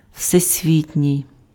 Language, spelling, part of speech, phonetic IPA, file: Ukrainian, всесвітній, adjective, [ʍsesʲˈʋʲitʲnʲii̯], Uk-всесвітній.ogg
- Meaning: worldwide